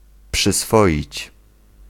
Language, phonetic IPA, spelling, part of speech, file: Polish, [pʃɨsˈfɔʲit͡ɕ], przyswoić, verb, Pl-przyswoić.ogg